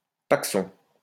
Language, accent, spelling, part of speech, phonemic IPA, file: French, France, pacson, noun, /pak.sɔ̃/, LL-Q150 (fra)-pacson.wav
- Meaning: pack, packet